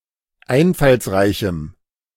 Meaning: strong dative masculine/neuter singular of einfallsreich
- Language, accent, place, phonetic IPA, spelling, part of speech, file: German, Germany, Berlin, [ˈaɪ̯nfalsˌʁaɪ̯çm̩], einfallsreichem, adjective, De-einfallsreichem.ogg